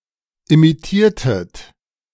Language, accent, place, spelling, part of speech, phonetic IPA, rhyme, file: German, Germany, Berlin, imitiertet, verb, [imiˈtiːɐ̯tət], -iːɐ̯tət, De-imitiertet.ogg
- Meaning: inflection of imitieren: 1. second-person plural preterite 2. second-person plural subjunctive II